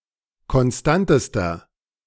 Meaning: inflection of konstant: 1. strong/mixed nominative masculine singular superlative degree 2. strong genitive/dative feminine singular superlative degree 3. strong genitive plural superlative degree
- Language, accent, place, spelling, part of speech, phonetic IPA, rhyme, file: German, Germany, Berlin, konstantester, adjective, [kɔnˈstantəstɐ], -antəstɐ, De-konstantester.ogg